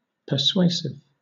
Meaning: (adjective) Able to persuade; convincing; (noun) That which persuades; incitement
- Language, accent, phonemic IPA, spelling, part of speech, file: English, Southern England, /pə(ɹ)ˈsweɪsɪv/, persuasive, adjective / noun, LL-Q1860 (eng)-persuasive.wav